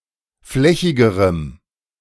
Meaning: strong dative masculine/neuter singular comparative degree of flächig
- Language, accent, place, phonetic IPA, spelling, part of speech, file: German, Germany, Berlin, [ˈflɛçɪɡəʁəm], flächigerem, adjective, De-flächigerem.ogg